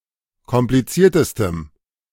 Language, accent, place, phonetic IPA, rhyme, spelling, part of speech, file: German, Germany, Berlin, [kɔmpliˈt͡siːɐ̯təstəm], -iːɐ̯təstəm, kompliziertestem, adjective, De-kompliziertestem.ogg
- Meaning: strong dative masculine/neuter singular superlative degree of kompliziert